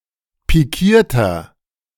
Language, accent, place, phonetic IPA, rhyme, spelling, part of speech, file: German, Germany, Berlin, [piˈkiːɐ̯tɐ], -iːɐ̯tɐ, pikierter, adjective, De-pikierter.ogg
- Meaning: inflection of pikiert: 1. strong/mixed nominative masculine singular 2. strong genitive/dative feminine singular 3. strong genitive plural